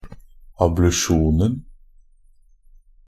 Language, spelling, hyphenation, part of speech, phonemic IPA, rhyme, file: Norwegian Bokmål, ablusjonen, ab‧lu‧sjon‧en, noun, /ablʉˈʃuːnn̩/, -uːnn̩, NB - Pronunciation of Norwegian Bokmål «ablusjonen».ogg
- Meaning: definite plural of ablusjon